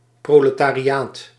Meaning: the proletariat, the working class
- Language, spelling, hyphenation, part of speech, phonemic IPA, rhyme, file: Dutch, proletariaat, pro‧le‧ta‧ri‧aat, noun, /ˌproː.lə.taː.riˈaːt/, -aːt, Nl-proletariaat.ogg